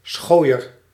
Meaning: a wandering or roaming beggar; a vagabond
- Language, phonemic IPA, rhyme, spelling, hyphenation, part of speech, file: Dutch, /ˈsxoːi̯ər/, -oːi̯ər, schooier, schooi‧er, noun, Nl-schooier.ogg